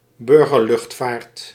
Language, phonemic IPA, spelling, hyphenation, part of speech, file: Dutch, /ˌbʏr.ɣərˈlʏxt.faːrt/, burgerluchtvaart, bur‧ger‧lucht‧vaart, noun, Nl-burgerluchtvaart.ogg
- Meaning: civilian aviation, civilian air travel